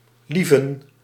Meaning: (verb) 1. to love 2. to care about, to like 3. to value; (noun) plural of lief
- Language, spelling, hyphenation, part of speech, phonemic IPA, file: Dutch, lieven, lie‧ven, verb / noun, /ˈlivə(n)/, Nl-lieven.ogg